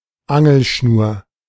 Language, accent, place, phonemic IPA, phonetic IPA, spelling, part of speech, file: German, Germany, Berlin, /ˈaŋəlˌʃnuːr/, [ˈʔa.ŋl̩ˌʃnu(ː)ɐ̯], Angelschnur, noun, De-Angelschnur.ogg
- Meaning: fishing line